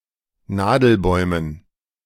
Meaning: dative plural of Nadelbaum
- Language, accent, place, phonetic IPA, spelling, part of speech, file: German, Germany, Berlin, [ˈnaːdl̩ˌbɔɪ̯mən], Nadelbäumen, noun, De-Nadelbäumen.ogg